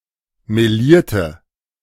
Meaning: inflection of melieren: 1. first/third-person singular preterite 2. first/third-person singular subjunctive II
- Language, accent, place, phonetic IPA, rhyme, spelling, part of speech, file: German, Germany, Berlin, [meˈliːɐ̯tə], -iːɐ̯tə, melierte, adjective / verb, De-melierte.ogg